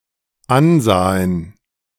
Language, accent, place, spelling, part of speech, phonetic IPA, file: German, Germany, Berlin, ansahen, verb, [ˈanˌzaːən], De-ansahen.ogg
- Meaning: first/third-person plural dependent preterite of ansehen